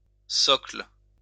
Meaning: 1. plinth, pedestal, socle 2. basis, foundation, core idea 3. basement (mass of rock underlying sedimentary cover)
- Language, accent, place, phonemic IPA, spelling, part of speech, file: French, France, Lyon, /sɔkl/, socle, noun, LL-Q150 (fra)-socle.wav